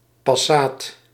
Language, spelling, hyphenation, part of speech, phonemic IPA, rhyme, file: Dutch, passaat, pas‧saat, noun, /pɑˈsaːt/, -aːt, Nl-passaat.ogg
- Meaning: a trade wind in the Atlantic or Indian Ocean; usually an easterly in the tropics when not qualified otherwise